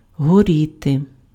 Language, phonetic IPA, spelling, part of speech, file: Ukrainian, [ɦoˈrʲite], горіти, verb, Uk-горіти.ogg
- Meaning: to burn (to be consumed by fire)